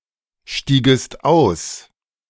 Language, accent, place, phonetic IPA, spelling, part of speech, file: German, Germany, Berlin, [ˌʃtiːɡəst ˈaʊ̯s], stiegest aus, verb, De-stiegest aus.ogg
- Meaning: second-person singular subjunctive II of aussteigen